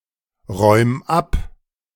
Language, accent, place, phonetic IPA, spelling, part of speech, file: German, Germany, Berlin, [ˌʁɔɪ̯m ˈap], räum ab, verb, De-räum ab.ogg
- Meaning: 1. singular imperative of abräumen 2. first-person singular present of abräumen